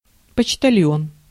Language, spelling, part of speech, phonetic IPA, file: Russian, почтальон, noun, [pət͡ɕtɐˈlʲjɵn], Ru-почтальон.ogg
- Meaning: mailman, postman, letter carrier, mail carrier (post office employee)